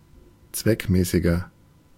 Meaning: 1. comparative degree of zweckmäßig 2. inflection of zweckmäßig: strong/mixed nominative masculine singular 3. inflection of zweckmäßig: strong genitive/dative feminine singular
- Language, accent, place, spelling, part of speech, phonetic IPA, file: German, Germany, Berlin, zweckmäßiger, adjective, [ˈt͡svɛkˌmɛːsɪɡɐ], De-zweckmäßiger.ogg